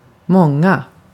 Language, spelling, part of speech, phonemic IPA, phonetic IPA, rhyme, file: Swedish, många, pronoun, /²mɔŋa/, [ˈmɔŋˌa], -ɔŋa, Sv-många.ogg
- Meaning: many; plural of mången